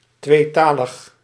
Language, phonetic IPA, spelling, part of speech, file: Dutch, [tʋeːˈtaːləx], tweetalig, adjective, Nl-tweetalig.ogg
- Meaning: bilingual